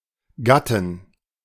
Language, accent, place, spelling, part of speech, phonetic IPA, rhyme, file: German, Germany, Berlin, Gatten, noun, [ˈɡatn̩], -atn̩, De-Gatten.ogg
- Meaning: 1. inflection of Gatte: genitive/dative/accusative singular 2. inflection of Gatte: all-case plural 3. all-case plural of Gatt